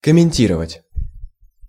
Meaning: 1. to comment (various senses) 2. to comment, to comment out (computer code)
- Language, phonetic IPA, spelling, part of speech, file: Russian, [kəmʲɪnʲˈtʲirəvətʲ], комментировать, verb, Ru-комментировать.ogg